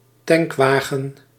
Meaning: tank truck/tanker truck
- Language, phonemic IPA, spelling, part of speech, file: Dutch, /ˈtɛŋkʋaːɣə(n)/, tankwagen, noun, Nl-tankwagen.ogg